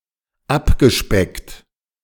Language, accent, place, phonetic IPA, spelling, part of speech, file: German, Germany, Berlin, [ˈapɡəˌʃpɛkt], abgespeckt, verb, De-abgespeckt.ogg
- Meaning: past participle of abspecken